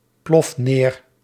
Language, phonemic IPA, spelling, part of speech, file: Dutch, /ˈplɔf ˈner/, plof neer, verb, Nl-plof neer.ogg
- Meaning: inflection of neerploffen: 1. first-person singular present indicative 2. second-person singular present indicative 3. imperative